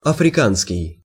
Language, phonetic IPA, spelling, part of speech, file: Russian, [ɐfrʲɪˈkanskʲɪj], африканский, adjective, Ru-африканский.ogg
- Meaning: African (of, relating to or from Africa)